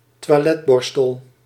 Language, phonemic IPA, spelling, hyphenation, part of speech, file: Dutch, /tʋaːˈlɛtˌbɔr.stəl/, toiletborstel, toi‧let‧bor‧stel, noun, Nl-toiletborstel.ogg
- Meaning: toilet brush